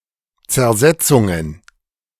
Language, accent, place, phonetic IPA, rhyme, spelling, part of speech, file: German, Germany, Berlin, [t͡sɛɐ̯ˈzɛt͡sʊŋən], -ɛt͡sʊŋən, Zersetzungen, noun, De-Zersetzungen.ogg
- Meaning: plural of Zersetzung